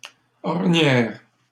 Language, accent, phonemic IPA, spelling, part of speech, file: French, Canada, /ɔʁ.njɛʁ/, ornières, noun, LL-Q150 (fra)-ornières.wav
- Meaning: plural of ornière